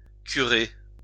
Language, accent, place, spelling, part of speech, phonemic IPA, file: French, France, Lyon, curer, verb, /ky.ʁe/, LL-Q150 (fra)-curer.wav
- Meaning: 1. to clean by scrubbing, scraping and removing (e.g. a drain, a pipe, a canal, a stable, ...) 2. to clean oneself by scrubbing, scraping and removing (e.g. one's nails, teeth, ...)